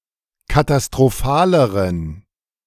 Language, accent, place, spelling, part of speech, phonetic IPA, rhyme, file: German, Germany, Berlin, katastrophaleren, adjective, [katastʁoˈfaːləʁən], -aːləʁən, De-katastrophaleren.ogg
- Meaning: inflection of katastrophal: 1. strong genitive masculine/neuter singular comparative degree 2. weak/mixed genitive/dative all-gender singular comparative degree